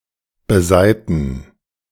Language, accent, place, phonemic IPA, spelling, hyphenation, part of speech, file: German, Germany, Berlin, /bəˈzaɪ̯tn̩/, besaiten, be‧sai‧ten, verb, De-besaiten.ogg
- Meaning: to string